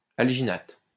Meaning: alginate
- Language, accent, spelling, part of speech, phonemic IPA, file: French, France, alginate, noun, /al.ʒi.nat/, LL-Q150 (fra)-alginate.wav